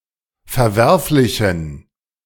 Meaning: inflection of verwerflich: 1. strong genitive masculine/neuter singular 2. weak/mixed genitive/dative all-gender singular 3. strong/weak/mixed accusative masculine singular 4. strong dative plural
- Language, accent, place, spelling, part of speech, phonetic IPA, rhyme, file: German, Germany, Berlin, verwerflichen, adjective, [fɛɐ̯ˈvɛʁflɪçn̩], -ɛʁflɪçn̩, De-verwerflichen.ogg